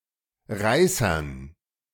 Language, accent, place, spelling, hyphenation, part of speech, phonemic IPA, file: German, Germany, Berlin, Reißern, Rei‧ßern, noun, /ˈʁaɪ̯sɐn/, De-Reißern.ogg
- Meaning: dative plural of Reißer